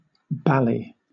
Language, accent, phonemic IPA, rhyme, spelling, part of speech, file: English, Southern England, /ˈbæli/, -æli, bally, adjective / adverb / noun, LL-Q1860 (eng)-bally.wav
- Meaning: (adjective) Bloody (used as a mild intensifier); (adverb) Very; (noun) A balaclava